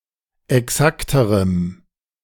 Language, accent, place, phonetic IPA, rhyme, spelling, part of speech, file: German, Germany, Berlin, [ɛˈksaktəʁəm], -aktəʁəm, exakterem, adjective, De-exakterem.ogg
- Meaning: strong dative masculine/neuter singular comparative degree of exakt